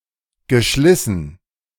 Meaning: past participle of schleißen
- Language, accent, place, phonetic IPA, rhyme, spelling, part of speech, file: German, Germany, Berlin, [ɡəˈʃlɪsn̩], -ɪsn̩, geschlissen, verb, De-geschlissen.ogg